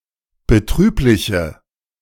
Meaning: inflection of betrüblich: 1. strong/mixed nominative/accusative feminine singular 2. strong nominative/accusative plural 3. weak nominative all-gender singular
- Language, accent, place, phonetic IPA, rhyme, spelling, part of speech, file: German, Germany, Berlin, [bəˈtʁyːplɪçə], -yːplɪçə, betrübliche, adjective, De-betrübliche.ogg